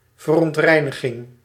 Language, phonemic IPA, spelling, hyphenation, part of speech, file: Dutch, /vər.ɔntˈrɛi̯.nə.ɣɪŋ/, verontreiniging, ver‧ont‧rei‧ni‧ging, noun, Nl-verontreiniging.ogg
- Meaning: pollution